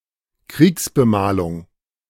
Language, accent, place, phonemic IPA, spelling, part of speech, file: German, Germany, Berlin, /ˈkʁiːksbəˌmaːlʊŋ/, Kriegsbemalung, noun, De-Kriegsbemalung.ogg
- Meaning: war paint